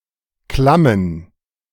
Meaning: plural of Klamm
- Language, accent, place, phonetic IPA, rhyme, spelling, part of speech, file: German, Germany, Berlin, [ˈklamən], -amən, Klammen, noun, De-Klammen.ogg